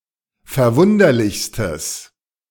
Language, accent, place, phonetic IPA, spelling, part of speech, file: German, Germany, Berlin, [fɛɐ̯ˈvʊndɐlɪçstəs], verwunderlichstes, adjective, De-verwunderlichstes.ogg
- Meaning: strong/mixed nominative/accusative neuter singular superlative degree of verwunderlich